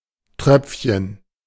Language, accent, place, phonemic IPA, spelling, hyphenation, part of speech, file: German, Germany, Berlin, /ˈtrœpfçən/, Tröpfchen, Tröpf‧chen, noun, De-Tröpfchen.ogg
- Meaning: droplet